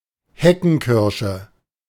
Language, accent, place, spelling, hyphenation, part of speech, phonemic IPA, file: German, Germany, Berlin, Heckenkirsche, He‧cken‧kir‧sche, noun, /ˈhɛkn̩ˌkɪʁʃə/, De-Heckenkirsche.ogg
- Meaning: honeysuckle